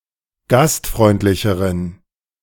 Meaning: inflection of gastfreundlich: 1. strong genitive masculine/neuter singular comparative degree 2. weak/mixed genitive/dative all-gender singular comparative degree
- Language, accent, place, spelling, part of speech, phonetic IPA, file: German, Germany, Berlin, gastfreundlicheren, adjective, [ˈɡastˌfʁɔɪ̯ntlɪçəʁən], De-gastfreundlicheren.ogg